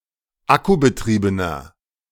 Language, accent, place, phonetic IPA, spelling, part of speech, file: German, Germany, Berlin, [ˈakubəˌtʁiːbənɐ], akkubetriebener, adjective, De-akkubetriebener.ogg
- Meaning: inflection of akkubetrieben: 1. strong/mixed nominative masculine singular 2. strong genitive/dative feminine singular 3. strong genitive plural